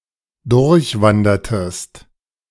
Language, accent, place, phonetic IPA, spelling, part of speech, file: German, Germany, Berlin, [ˈdʊʁçˌvandɐtəst], durchwandertest, verb, De-durchwandertest.ogg
- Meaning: inflection of durchwandern: 1. second-person singular preterite 2. second-person singular subjunctive II